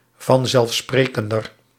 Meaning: comparative degree of vanzelfsprekend
- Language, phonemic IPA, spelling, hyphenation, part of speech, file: Dutch, /vɑn.zɛlfˈspreː.kən.dər/, vanzelfsprekender, van‧zelf‧spre‧ken‧der, adjective, Nl-vanzelfsprekender.ogg